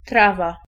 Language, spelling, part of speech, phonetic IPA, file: Polish, trawa, noun, [ˈtrava], Pl-trawa.ogg